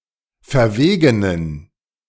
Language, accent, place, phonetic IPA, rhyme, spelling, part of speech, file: German, Germany, Berlin, [fɛɐ̯ˈveːɡənən], -eːɡənən, verwegenen, adjective, De-verwegenen.ogg
- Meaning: inflection of verwegen: 1. strong genitive masculine/neuter singular 2. weak/mixed genitive/dative all-gender singular 3. strong/weak/mixed accusative masculine singular 4. strong dative plural